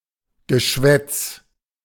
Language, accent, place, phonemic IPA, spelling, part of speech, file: German, Germany, Berlin, /ɡəˈʃvɛt͡s/, Geschwätz, noun, De-Geschwätz.ogg
- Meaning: 1. twaddle, nonsense 2. gossip